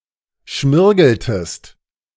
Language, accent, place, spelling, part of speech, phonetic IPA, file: German, Germany, Berlin, schmirgeltest, verb, [ˈʃmɪʁɡl̩təst], De-schmirgeltest.ogg
- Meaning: inflection of schmirgeln: 1. second-person singular preterite 2. second-person singular subjunctive II